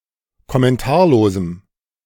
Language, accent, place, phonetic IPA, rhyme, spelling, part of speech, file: German, Germany, Berlin, [kɔmɛnˈtaːɐ̯loːzm̩], -aːɐ̯loːzm̩, kommentarlosem, adjective, De-kommentarlosem.ogg
- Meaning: strong dative masculine/neuter singular of kommentarlos